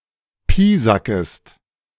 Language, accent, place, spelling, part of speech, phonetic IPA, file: German, Germany, Berlin, piesackest, verb, [ˈpiːzakəst], De-piesackest.ogg
- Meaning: second-person singular subjunctive I of piesacken